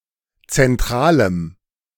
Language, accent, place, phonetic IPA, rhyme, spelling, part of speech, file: German, Germany, Berlin, [t͡sɛnˈtʁaːləm], -aːləm, zentralem, adjective, De-zentralem.ogg
- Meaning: strong dative masculine/neuter singular of zentral